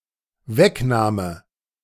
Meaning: removal
- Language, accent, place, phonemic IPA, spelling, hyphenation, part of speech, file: German, Germany, Berlin, /ˈvɛkˌnaːmə/, Wegnahme, Weg‧nah‧me, noun, De-Wegnahme.ogg